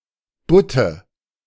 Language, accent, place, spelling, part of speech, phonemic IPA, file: German, Germany, Berlin, Butte, noun, /ˈbʊtə/, De-Butte.ogg
- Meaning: 1. dated form of Bütte 2. lump 3. nominative/accusative/genitive plural of Butt (“flounder”)